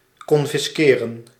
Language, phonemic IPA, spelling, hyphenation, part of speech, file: Dutch, /kɔnfɪsˈkeːrə(n)/, confisqueren, con‧fis‧que‧ren, verb, Nl-confisqueren.ogg
- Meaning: to confiscate